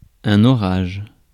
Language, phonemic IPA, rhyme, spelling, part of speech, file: French, /ɔ.ʁaʒ/, -aʒ, orage, noun, Fr-orage.ogg
- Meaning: 1. thunderstorm 2. storm, upset 3. turmoil, tumult 4. a device on an organ, which produces a "thunder" effect, usually by playing a large cluster chord on the pedalboard